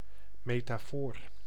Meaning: metaphor (figure of speech)
- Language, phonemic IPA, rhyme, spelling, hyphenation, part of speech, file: Dutch, /ˌmeː.taːˈfoːr/, -oːr, metafoor, me‧ta‧foor, noun, Nl-metafoor.ogg